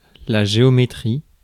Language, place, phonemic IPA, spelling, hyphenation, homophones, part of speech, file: French, Paris, /ʒe.ɔ.me.tʁi/, géométrie, gé‧o‧mé‧trie, géométries, noun, Fr-géométrie.ogg
- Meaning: geometry